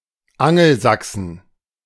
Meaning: 1. genitive/dative/accusative singular of Angelsachse 2. plural of Angelsachse
- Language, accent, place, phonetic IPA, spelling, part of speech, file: German, Germany, Berlin, [ˈaŋl̩ˌzaksn̩], Angelsachsen, noun, De-Angelsachsen.ogg